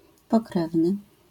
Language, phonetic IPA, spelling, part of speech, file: Polish, [pɔˈkrɛvnɨ], pokrewny, adjective, LL-Q809 (pol)-pokrewny.wav